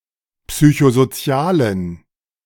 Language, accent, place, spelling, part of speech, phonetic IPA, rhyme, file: German, Germany, Berlin, psychosozialen, adjective, [ˌpsyçozoˈt͡si̯aːlən], -aːlən, De-psychosozialen.ogg
- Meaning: inflection of psychosozial: 1. strong genitive masculine/neuter singular 2. weak/mixed genitive/dative all-gender singular 3. strong/weak/mixed accusative masculine singular 4. strong dative plural